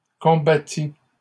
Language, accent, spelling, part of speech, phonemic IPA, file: French, Canada, combattit, verb, /kɔ̃.ba.ti/, LL-Q150 (fra)-combattit.wav
- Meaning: third-person singular past historic of combattre